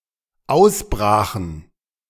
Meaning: first/third-person plural dependent preterite of ausbrechen
- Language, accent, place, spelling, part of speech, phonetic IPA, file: German, Germany, Berlin, ausbrachen, verb, [ˈaʊ̯sˌbʁaːxn̩], De-ausbrachen.ogg